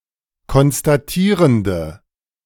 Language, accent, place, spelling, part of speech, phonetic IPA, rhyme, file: German, Germany, Berlin, konstatierende, adjective, [kɔnstaˈtiːʁəndə], -iːʁəndə, De-konstatierende.ogg
- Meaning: inflection of konstatierend: 1. strong/mixed nominative/accusative feminine singular 2. strong nominative/accusative plural 3. weak nominative all-gender singular